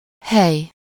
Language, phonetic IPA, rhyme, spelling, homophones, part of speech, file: Hungarian, [ˈhɛj], -ɛj, hely, hej, noun, Hu-hely.ogg
- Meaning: 1. place, location 2. space, room